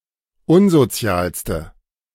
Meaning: inflection of unsozial: 1. strong/mixed nominative/accusative feminine singular superlative degree 2. strong nominative/accusative plural superlative degree
- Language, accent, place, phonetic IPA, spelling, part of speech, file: German, Germany, Berlin, [ˈʊnzoˌt͡si̯aːlstə], unsozialste, adjective, De-unsozialste.ogg